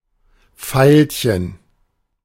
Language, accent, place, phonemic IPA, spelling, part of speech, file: German, Germany, Berlin, /ˈfaɪ̯lçən/, Veilchen, noun, De-Veilchen.ogg
- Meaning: 1. violet 2. black eye